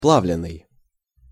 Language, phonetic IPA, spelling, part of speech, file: Russian, [ˈpɫavlʲɪn(ː)ɨj], плавленный, verb, Ru-плавленный.ogg
- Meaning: past passive imperfective participle of пла́вить (plávitʹ)